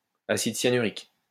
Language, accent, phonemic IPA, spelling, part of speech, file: French, France, /a.sid sja.ny.ʁik/, acide cyanurique, noun, LL-Q150 (fra)-acide cyanurique.wav
- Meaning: cyanuric acid